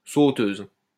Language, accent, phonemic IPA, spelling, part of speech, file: French, France, /so.tøz/, sauteuse, noun, LL-Q150 (fra)-sauteuse.wav
- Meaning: 1. female equivalent of sauteur 2. sautoire (heavy skillet)